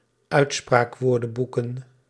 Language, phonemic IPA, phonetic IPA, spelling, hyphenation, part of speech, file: Dutch, /ˈœy̯tspraːkˌʋoːrdə(n)bukə(n)/, [ˈœy̯tspraːkˌʋʊːrdə(m)bukə(n)], uitspraakwoordenboeken, uit‧spraak‧woor‧den‧boe‧ken, noun, Nl-uitspraakwoordenboeken.ogg
- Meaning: plural of uitspraakwoordenboek